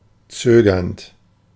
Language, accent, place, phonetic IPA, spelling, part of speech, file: German, Germany, Berlin, [ˈt͡søːɡɐnt], zögernd, adjective / verb, De-zögernd.ogg
- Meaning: present participle of zögern